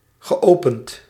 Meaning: past participle of openen
- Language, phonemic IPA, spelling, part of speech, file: Dutch, /ɣəˈʔopənt/, geopend, verb / adjective, Nl-geopend.ogg